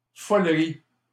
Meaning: silliness, craziness, ridiculousness
- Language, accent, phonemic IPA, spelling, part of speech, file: French, Canada, /fɔl.ʁi/, follerie, noun, LL-Q150 (fra)-follerie.wav